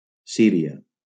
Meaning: Syria (a country in West Asia in the Middle East)
- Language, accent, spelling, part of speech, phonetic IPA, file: Catalan, Valencia, Síria, proper noun, [ˈsi.ɾi.a], LL-Q7026 (cat)-Síria.wav